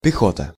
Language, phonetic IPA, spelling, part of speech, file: Russian, [pʲɪˈxotə], пехота, noun, Ru-пехота.ogg
- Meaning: infantry